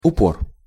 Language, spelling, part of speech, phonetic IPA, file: Russian, упор, noun, [ʊˈpor], Ru-упор.ogg
- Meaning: 1. support, rest (object designed to be used to support something else) 2. stop, prop (e.g. a door stop) 3. stress, emphasis 4. spike (of stringed instruments)